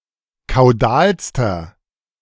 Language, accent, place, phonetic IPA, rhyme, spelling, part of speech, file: German, Germany, Berlin, [kaʊ̯ˈdaːlstɐ], -aːlstɐ, kaudalster, adjective, De-kaudalster.ogg
- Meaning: inflection of kaudal: 1. strong/mixed nominative masculine singular superlative degree 2. strong genitive/dative feminine singular superlative degree 3. strong genitive plural superlative degree